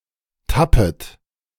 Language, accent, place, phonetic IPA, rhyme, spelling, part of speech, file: German, Germany, Berlin, [ˈtapət], -apət, tappet, verb, De-tappet.ogg
- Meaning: second-person plural subjunctive I of tappen